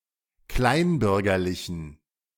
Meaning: inflection of kleinbürgerlich: 1. strong genitive masculine/neuter singular 2. weak/mixed genitive/dative all-gender singular 3. strong/weak/mixed accusative masculine singular 4. strong dative plural
- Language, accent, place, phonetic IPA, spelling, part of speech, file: German, Germany, Berlin, [ˈklaɪ̯nˌbʏʁɡɐlɪçn̩], kleinbürgerlichen, adjective, De-kleinbürgerlichen.ogg